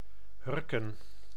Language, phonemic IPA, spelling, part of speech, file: Dutch, /ˈhʏrkə(n)/, hurken, verb / noun, Nl-hurken.ogg
- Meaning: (verb) 1. squat, crouch 2. cower; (noun) haunches, heels. only used in op de hurken (gaan) zitten